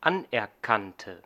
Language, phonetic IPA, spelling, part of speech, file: German, [ˈanʔɛɐ̯ˌkantə], anerkannte, adjective / verb, De-anerkannte.ogg
- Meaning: first/third-person singular dependent preterite of anerkennen